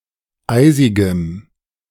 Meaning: strong dative masculine/neuter singular of eisig
- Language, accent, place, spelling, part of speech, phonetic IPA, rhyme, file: German, Germany, Berlin, eisigem, adjective, [ˈaɪ̯zɪɡəm], -aɪ̯zɪɡəm, De-eisigem.ogg